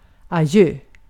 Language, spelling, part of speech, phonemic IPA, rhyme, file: Swedish, adjö, interjection, /aˈjøː/, -øː, Sv-adjö.ogg
- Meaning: goodbye